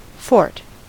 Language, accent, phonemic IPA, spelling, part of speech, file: English, US, /fɔɹt/, fort, noun / verb, En-us-fort.ogg
- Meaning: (noun) 1. A fortified defensive structure stationed with troops 2. Any permanent army post 3. An outlying trading-station, as in British North America